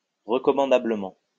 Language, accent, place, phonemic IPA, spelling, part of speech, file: French, France, Lyon, /ʁə.kɔ.mɑ̃.da.blə.mɑ̃/, recommandablement, adverb, LL-Q150 (fra)-recommandablement.wav
- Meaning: commendably, worthily